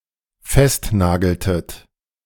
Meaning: inflection of festnageln: 1. second-person plural dependent preterite 2. second-person plural dependent subjunctive II
- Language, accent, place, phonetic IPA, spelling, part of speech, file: German, Germany, Berlin, [ˈfɛstˌnaːɡl̩tət], festnageltet, verb, De-festnageltet.ogg